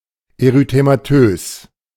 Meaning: erythematous
- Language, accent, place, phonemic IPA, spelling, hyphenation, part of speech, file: German, Germany, Berlin, /eʁyteːmaˈtøːs/, erythematös, ery‧the‧ma‧tös, adjective, De-erythematös.ogg